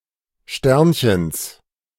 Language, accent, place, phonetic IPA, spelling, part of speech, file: German, Germany, Berlin, [ˈʃtɛʁnçəns], Sternchens, noun, De-Sternchens.ogg
- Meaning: genitive singular of Sternchen